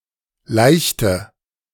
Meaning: inflection of laichen: 1. first/third-person singular preterite 2. first/third-person singular subjunctive II
- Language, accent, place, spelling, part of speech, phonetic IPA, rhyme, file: German, Germany, Berlin, laichte, verb, [ˈlaɪ̯çtə], -aɪ̯çtə, De-laichte.ogg